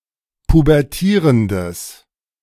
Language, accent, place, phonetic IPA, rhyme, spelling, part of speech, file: German, Germany, Berlin, [pubɛʁˈtiːʁəndəs], -iːʁəndəs, pubertierendes, adjective, De-pubertierendes.ogg
- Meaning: strong/mixed nominative/accusative neuter singular of pubertierend